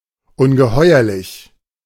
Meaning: monstrous (hideous or frightful)
- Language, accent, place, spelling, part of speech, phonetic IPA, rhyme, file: German, Germany, Berlin, ungeheuerlich, adjective, [ʊnɡəˈhɔɪ̯ɐlɪç], -ɔɪ̯ɐlɪç, De-ungeheuerlich.ogg